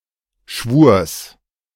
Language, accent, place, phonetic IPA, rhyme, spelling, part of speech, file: German, Germany, Berlin, [ʃvuːɐ̯s], -uːɐ̯s, Schwurs, noun, De-Schwurs.ogg
- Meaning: genitive singular of Schwur